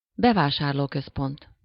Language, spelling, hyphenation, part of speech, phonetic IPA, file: Hungarian, bevásárlóközpont, be‧vá‧sár‧ló‧köz‧pont, noun, [ˈbɛvaːʃaːrloːkøspont], Hu-bevásárlóközpont.ogg
- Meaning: shopping mall, shopping centre